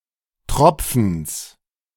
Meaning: genitive singular of Tropfen
- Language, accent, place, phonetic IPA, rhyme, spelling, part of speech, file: German, Germany, Berlin, [ˈtʁɔp͡fn̩s], -ɔp͡fn̩s, Tropfens, noun, De-Tropfens.ogg